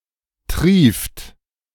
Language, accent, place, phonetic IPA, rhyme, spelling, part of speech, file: German, Germany, Berlin, [tʁiːft], -iːft, trieft, verb, De-trieft.ogg
- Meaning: inflection of triefen: 1. second-person plural present 2. third-person singular present 3. plural imperative